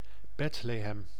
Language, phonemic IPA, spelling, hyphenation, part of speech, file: Dutch, /ˈbɛt.leːˌɦɛm/, Bethlehem, Beth‧le‧hem, proper noun, Nl-Bethlehem.ogg
- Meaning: 1. Bethlehem (a city in the West Bank, Palestine) 2. a hamlet in Het Hogeland, Groningen, Netherlands